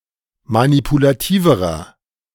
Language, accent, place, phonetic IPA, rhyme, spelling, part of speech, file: German, Germany, Berlin, [manipulaˈtiːvəʁɐ], -iːvəʁɐ, manipulativerer, adjective, De-manipulativerer.ogg
- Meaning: inflection of manipulativ: 1. strong/mixed nominative masculine singular comparative degree 2. strong genitive/dative feminine singular comparative degree 3. strong genitive plural comparative degree